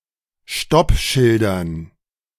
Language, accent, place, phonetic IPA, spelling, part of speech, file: German, Germany, Berlin, [ˈʃtɔpˌʃɪldɐn], Stoppschildern, noun, De-Stoppschildern.ogg
- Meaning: dative plural of Stoppschild